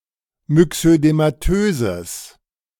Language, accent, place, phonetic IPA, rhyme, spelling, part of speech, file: German, Germany, Berlin, [mʏksødemaˈtøːzəs], -øːzəs, myxödematöses, adjective, De-myxödematöses.ogg
- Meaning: strong/mixed nominative/accusative neuter singular of myxödematös